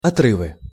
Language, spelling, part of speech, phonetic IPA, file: Russian, отрывы, noun, [ɐˈtrɨvɨ], Ru-отрывы.ogg
- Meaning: nominative/accusative plural of отры́в (otrýv)